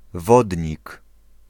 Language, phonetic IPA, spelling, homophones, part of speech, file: Polish, [ˈvɔdʲɲik], Wodnik, wodnik, proper noun / noun, Pl-Wodnik.ogg